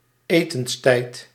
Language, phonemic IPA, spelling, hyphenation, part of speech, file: Dutch, /ˈeː.təns.tɛi̯t/, etenstijd, etens‧tijd, noun, Nl-etenstijd.ogg
- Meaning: mealtime, especially dinnertime